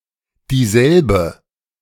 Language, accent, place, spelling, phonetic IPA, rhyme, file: German, Germany, Berlin, dieselbe, [diːˈzɛlbə], -ɛlbə, De-dieselbe.ogg
- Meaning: 1. feminine nominative singular of derselbe 2. feminine accusative singular of derselbe